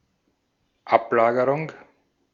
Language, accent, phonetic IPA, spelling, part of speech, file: German, Austria, [ˈapˌlaːɡəʁʊŋ], Ablagerung, noun, De-at-Ablagerung.ogg
- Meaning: 1. deposit, sediment 2. debris 3. residue 4. deposition